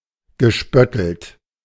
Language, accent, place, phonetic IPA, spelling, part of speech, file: German, Germany, Berlin, [ɡəˈʃpœtl̩t], gespöttelt, verb, De-gespöttelt.ogg
- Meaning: past participle of spötteln